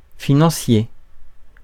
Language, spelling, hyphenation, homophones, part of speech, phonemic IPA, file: French, financier, fi‧nan‧cier, financiers, adjective / noun, /fi.nɑ̃.sje/, Fr-financier.ogg
- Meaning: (adjective) financial; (noun) 1. financier (person) 2. financier (cake) 3. banker